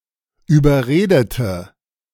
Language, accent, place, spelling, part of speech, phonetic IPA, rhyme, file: German, Germany, Berlin, überredete, adjective / verb, [yːbɐˈʁeːdətə], -eːdətə, De-überredete.ogg
- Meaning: inflection of überreden: 1. first/third-person singular preterite 2. first/third-person singular subjunctive II